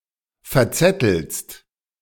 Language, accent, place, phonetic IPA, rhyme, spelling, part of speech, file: German, Germany, Berlin, [fɛɐ̯ˈt͡sɛtl̩st], -ɛtl̩st, verzettelst, verb, De-verzettelst.ogg
- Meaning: second-person singular present of verzetteln